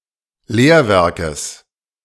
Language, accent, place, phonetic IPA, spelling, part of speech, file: German, Germany, Berlin, [ˈleːɐ̯ˌvɛʁkəs], Lehrwerkes, noun, De-Lehrwerkes.ogg
- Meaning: genitive singular of Lehrwerk